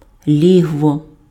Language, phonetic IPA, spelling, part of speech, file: Ukrainian, [ˈlʲiɦwɔ], лігво, noun, Uk-лігво.ogg
- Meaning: den